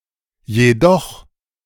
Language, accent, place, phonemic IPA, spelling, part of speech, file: German, Germany, Berlin, /jeːˈdɔx/, jedoch, adverb / conjunction, De-jedoch.ogg
- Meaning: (adverb) however, yet, nevertheless; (conjunction) but